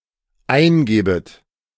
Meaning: second-person plural dependent subjunctive I of eingeben
- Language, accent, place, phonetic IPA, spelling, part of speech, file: German, Germany, Berlin, [ˈaɪ̯nˌɡeːbət], eingebet, verb, De-eingebet.ogg